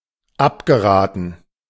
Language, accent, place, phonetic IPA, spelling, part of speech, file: German, Germany, Berlin, [ˈapɡəˌʁaːtn̩], abgeraten, verb, De-abgeraten.ogg
- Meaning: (verb) past participle of abraten; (adjective) 1. discouraged 2. dissuaded